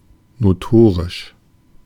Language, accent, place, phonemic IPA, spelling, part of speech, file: German, Germany, Berlin, /noˈtoːʁɪʃ/, notorisch, adjective, De-notorisch.ogg
- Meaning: notorious